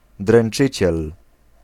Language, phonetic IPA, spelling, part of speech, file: Polish, [drɛ̃n͇ˈt͡ʃɨt͡ɕɛl], dręczyciel, noun, Pl-dręczyciel.ogg